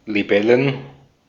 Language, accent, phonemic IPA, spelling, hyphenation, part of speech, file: German, Austria, /liˈbɛlən/, Libellen, Li‧bel‧len, noun, De-at-Libellen.ogg
- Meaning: plural of Libelle